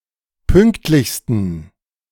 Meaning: 1. superlative degree of pünktlich 2. inflection of pünktlich: strong genitive masculine/neuter singular superlative degree
- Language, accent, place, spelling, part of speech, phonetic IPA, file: German, Germany, Berlin, pünktlichsten, adjective, [ˈpʏŋktlɪçstn̩], De-pünktlichsten.ogg